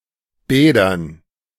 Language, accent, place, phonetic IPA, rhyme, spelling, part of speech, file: German, Germany, Berlin, [ˈbɛːdɐn], -ɛːdɐn, Bädern, noun, De-Bädern.ogg
- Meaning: dative plural of Bad